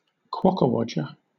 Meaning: Synonym of jumping jack (“a toy figure of a person with jointed limbs that can be made to appear to dance or jump by pulling an attached string”)
- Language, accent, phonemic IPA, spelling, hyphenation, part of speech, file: English, Southern England, /ˈkwɒkəˌwɒd͡ʒə/, quockerwodger, quock‧er‧wod‧ger, noun, LL-Q1860 (eng)-quockerwodger.wav